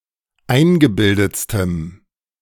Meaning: strong dative masculine/neuter singular superlative degree of eingebildet
- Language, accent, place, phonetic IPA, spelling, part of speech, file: German, Germany, Berlin, [ˈaɪ̯nɡəˌbɪldət͡stəm], eingebildetstem, adjective, De-eingebildetstem.ogg